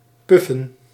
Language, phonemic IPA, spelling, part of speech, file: Dutch, /ˈpʏfə(n)/, puffen, verb / noun, Nl-puffen.ogg
- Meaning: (noun) plural of puf; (verb) 1. to puff, blow out (hot air, such as the chugging of a steam engine) 2. to flatulate, to break wind, to fart